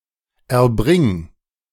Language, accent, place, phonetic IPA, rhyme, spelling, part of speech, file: German, Germany, Berlin, [ɛɐ̯ˈbʁɪŋ], -ɪŋ, erbring, verb, De-erbring.ogg
- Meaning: singular imperative of erbringen